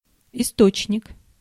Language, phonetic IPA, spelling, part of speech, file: Russian, [ɪˈstot͡ɕnʲɪk], источник, noun, Ru-источник.ogg
- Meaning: 1. spring (water source) 2. source